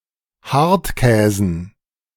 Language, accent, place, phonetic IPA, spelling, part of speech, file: German, Germany, Berlin, [ˈhaʁtˌkɛːzn̩], Hartkäsen, noun, De-Hartkäsen.ogg
- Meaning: dative plural of Hartkäse